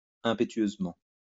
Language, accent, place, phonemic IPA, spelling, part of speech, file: French, France, Lyon, /ɛ̃.pe.tɥøz.mɑ̃/, impétueusement, adverb, LL-Q150 (fra)-impétueusement.wav
- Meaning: impetuously